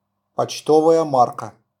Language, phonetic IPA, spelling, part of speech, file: Russian, [pɐt͡ɕˈtovəjə ˈmarkə], почтовая марка, noun, RU-почтовая марка.wav
- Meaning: postage stamp